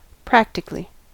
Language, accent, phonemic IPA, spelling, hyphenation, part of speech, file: English, US, /ˈpɹæk.tɪ.k(ə.)li/, practically, prac‧ti‧cal‧ly, adverb, En-us-practically.ogg
- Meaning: 1. In practice; in effect or in actuality, though possibly not officially, technically, or legally 2. Almost completely; almost entirely 3. With respect to practices or a practice